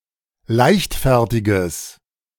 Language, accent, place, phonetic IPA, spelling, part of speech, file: German, Germany, Berlin, [ˈlaɪ̯çtˌfɛʁtɪɡəs], leichtfertiges, adjective, De-leichtfertiges.ogg
- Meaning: strong/mixed nominative/accusative neuter singular of leichtfertig